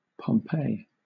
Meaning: 1. A ruined Roman town in Italy, destroyed by Vesuvius (a volcano) in AD 79 2. A city and commune in the Metropolitan City of Naples, Campania, Italy
- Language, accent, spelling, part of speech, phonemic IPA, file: English, Southern England, Pompeii, proper noun, /pɒmˈpeɪ(i)/, LL-Q1860 (eng)-Pompeii.wav